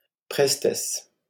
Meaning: nimbleness, agility
- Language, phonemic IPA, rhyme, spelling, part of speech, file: French, /pʁɛs.tɛs/, -ɛs, prestesse, noun, LL-Q150 (fra)-prestesse.wav